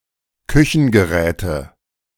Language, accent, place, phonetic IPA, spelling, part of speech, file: German, Germany, Berlin, [ˈkʏçn̩ɡəˌʁɛːtə], Küchengeräte, noun, De-Küchengeräte.ogg
- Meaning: nominative/accusative/genitive plural of Küchengerät